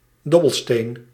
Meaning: dice, polyhedron used in games of chance
- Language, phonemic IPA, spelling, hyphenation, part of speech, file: Dutch, /ˈdɔ.bəlˌsteːn/, dobbelsteen, dob‧bel‧steen, noun, Nl-dobbelsteen.ogg